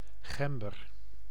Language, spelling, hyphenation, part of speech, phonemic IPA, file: Dutch, gember, gem‧ber, noun, /ˈɣɛm.bər/, Nl-gember.ogg
- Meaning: 1. ginger (Zingiber officinale, a plant) 2. ginger (the root of Zingiber officinale used as spice)